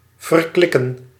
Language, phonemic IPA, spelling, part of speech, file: Dutch, /vərˈklɪkə(n)/, verklikken, verb, Nl-verklikken.ogg
- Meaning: 1. to denounce, act as informer, rat on 2. to observe, spy upon, spot, track 3. to catch, trick 4. to betray a secret, reveal what is hidden